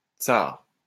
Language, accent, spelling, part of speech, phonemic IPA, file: French, France, tsar, noun, /tsaʁ/, LL-Q150 (fra)-tsar.wav
- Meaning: czar (Russian nobility)